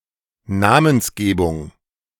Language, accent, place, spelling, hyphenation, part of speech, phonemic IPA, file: German, Germany, Berlin, Namensgebung, Na‧mens‧ge‧bung, noun, /ˈnaːmənsɡeːbʊŋ/, De-Namensgebung.ogg
- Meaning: naming (name giving)